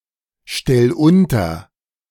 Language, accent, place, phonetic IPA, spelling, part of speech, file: German, Germany, Berlin, [ˌʃtɛl ˈʊntɐ], stell unter, verb, De-stell unter.ogg
- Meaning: 1. singular imperative of unterstellen 2. first-person singular present of unterstellen